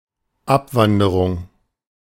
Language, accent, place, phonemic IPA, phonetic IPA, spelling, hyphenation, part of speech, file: German, Germany, Berlin, /ˈapˌvandəʁʊŋ/, [ˈʔapˌvandɐʁʊŋ], Abwanderung, Ab‧wan‧de‧rung, noun, De-Abwanderung.ogg
- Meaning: emigration